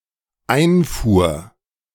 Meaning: first/third-person singular dependent preterite of einfahren
- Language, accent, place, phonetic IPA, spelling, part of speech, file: German, Germany, Berlin, [ˈaɪ̯nˌfuːɐ̯], einfuhr, verb, De-einfuhr.ogg